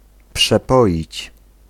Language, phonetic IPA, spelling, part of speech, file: Polish, [pʃɛˈpɔʲit͡ɕ], przepoić, verb, Pl-przepoić.ogg